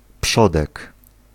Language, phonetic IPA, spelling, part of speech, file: Polish, [ˈpʃɔdɛk], przodek, noun, Pl-przodek.ogg